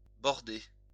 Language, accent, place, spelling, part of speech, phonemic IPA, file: French, France, Lyon, bordée, noun / verb, /bɔʁ.de/, LL-Q150 (fra)-bordée.wav
- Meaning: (noun) broadside; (verb) feminine singular of bordé